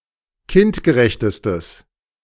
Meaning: strong/mixed nominative/accusative neuter singular superlative degree of kindgerecht
- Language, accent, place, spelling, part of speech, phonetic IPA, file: German, Germany, Berlin, kindgerechtestes, adjective, [ˈkɪntɡəˌʁɛçtəstəs], De-kindgerechtestes.ogg